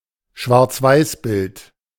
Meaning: black-and-white image, black-and-white photo
- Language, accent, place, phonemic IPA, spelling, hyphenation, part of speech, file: German, Germany, Berlin, /ʃvaʁt͡sˈvaɪ̯sˌbɪlt/, Schwarzweißbild, Schwarz‧weiß‧bild, noun, De-Schwarzweißbild.ogg